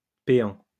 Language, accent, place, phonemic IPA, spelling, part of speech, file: French, France, Lyon, /pe.ɑ̃/, péan, noun, LL-Q150 (fra)-péan.wav
- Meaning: paean